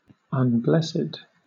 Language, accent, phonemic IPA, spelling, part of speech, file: English, Southern England, /ʌnˈblɛst/, unblessed, adjective / verb, LL-Q1860 (eng)-unblessed.wav
- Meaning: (adjective) Not blessed; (verb) past participle of unbless